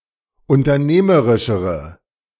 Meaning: inflection of unternehmerisch: 1. strong/mixed nominative/accusative feminine singular comparative degree 2. strong nominative/accusative plural comparative degree
- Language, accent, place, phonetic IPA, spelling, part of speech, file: German, Germany, Berlin, [ʊntɐˈneːməʁɪʃəʁə], unternehmerischere, adjective, De-unternehmerischere.ogg